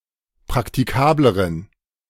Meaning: inflection of praktikabel: 1. strong genitive masculine/neuter singular comparative degree 2. weak/mixed genitive/dative all-gender singular comparative degree
- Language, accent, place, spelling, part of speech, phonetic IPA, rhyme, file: German, Germany, Berlin, praktikableren, adjective, [pʁaktiˈkaːbləʁən], -aːbləʁən, De-praktikableren.ogg